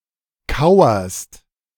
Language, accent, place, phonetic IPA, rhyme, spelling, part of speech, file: German, Germany, Berlin, [ˈkaʊ̯ɐst], -aʊ̯ɐst, kauerst, verb, De-kauerst.ogg
- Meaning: second-person singular present of kauern